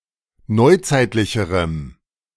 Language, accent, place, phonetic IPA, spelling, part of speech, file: German, Germany, Berlin, [ˈnɔɪ̯ˌt͡saɪ̯tlɪçəʁəm], neuzeitlicherem, adjective, De-neuzeitlicherem.ogg
- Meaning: strong dative masculine/neuter singular comparative degree of neuzeitlich